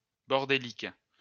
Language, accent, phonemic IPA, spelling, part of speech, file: French, France, /bɔʁ.de.lik/, bordélique, adjective, LL-Q150 (fra)-bordélique.wav
- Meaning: messed-up, chaotic